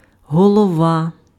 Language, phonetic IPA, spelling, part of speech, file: Ukrainian, [ɦɔɫɔˈʋa], голова, noun, Uk-голова.ogg
- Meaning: 1. head 2. chair, chairman, chairperson 3. chairman, chairperson, president 4. chief, head, manager 5. Speaker 6. mayor